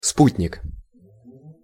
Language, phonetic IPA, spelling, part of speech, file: Russian, [ˈsputʲnʲɪk], спутник, noun, Ru-спутник.ogg
- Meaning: 1. a fellow traveller; companion 2. satellite, moon (a natural satellite of a planet) 3. an artificial satellite of a planet or moon, sputnik